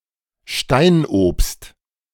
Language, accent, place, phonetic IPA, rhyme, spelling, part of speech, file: German, Germany, Berlin, [ˈʃtaɪ̯nʔoːpst], -aɪ̯nʔoːpst, Steinobst, noun, De-Steinobst.ogg
- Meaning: stone fruit